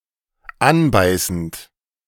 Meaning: present participle of anbeißen
- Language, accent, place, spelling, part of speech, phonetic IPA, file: German, Germany, Berlin, anbeißend, verb, [ˈanˌbaɪ̯sn̩t], De-anbeißend.ogg